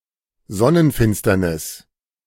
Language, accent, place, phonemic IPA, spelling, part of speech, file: German, Germany, Berlin, /ˈzɔnənˌfɪnstɐnɪs/, Sonnenfinsternis, noun, De-Sonnenfinsternis.ogg
- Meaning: solar eclipse